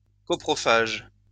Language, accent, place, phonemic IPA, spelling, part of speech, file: French, France, Lyon, /kɔ.pʁɔ.faʒ/, coprophage, adjective / noun, LL-Q150 (fra)-coprophage.wav
- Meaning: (adjective) coprophagous; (noun) coprophage